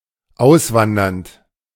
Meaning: present participle of auswandern
- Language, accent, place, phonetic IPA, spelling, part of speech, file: German, Germany, Berlin, [ˈaʊ̯sˌvandɐnt], auswandernd, verb, De-auswandernd.ogg